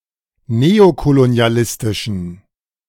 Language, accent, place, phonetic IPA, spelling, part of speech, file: German, Germany, Berlin, [ˈneːokoloni̯aˌlɪstɪʃn̩], neokolonialistischen, adjective, De-neokolonialistischen.ogg
- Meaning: inflection of neokolonialistisch: 1. strong genitive masculine/neuter singular 2. weak/mixed genitive/dative all-gender singular 3. strong/weak/mixed accusative masculine singular